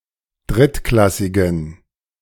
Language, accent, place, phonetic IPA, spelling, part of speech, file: German, Germany, Berlin, [ˈdʁɪtˌklasɪɡn̩], drittklassigen, adjective, De-drittklassigen.ogg
- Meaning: inflection of drittklassig: 1. strong genitive masculine/neuter singular 2. weak/mixed genitive/dative all-gender singular 3. strong/weak/mixed accusative masculine singular 4. strong dative plural